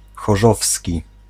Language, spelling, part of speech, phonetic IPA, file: Polish, chorzowski, adjective, [xɔˈʒɔfsʲci], Pl-chorzowski.ogg